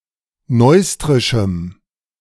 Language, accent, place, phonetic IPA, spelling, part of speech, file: German, Germany, Berlin, [ˈnɔɪ̯stʁɪʃm̩], neustrischem, adjective, De-neustrischem.ogg
- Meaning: strong dative masculine/neuter singular of neustrisch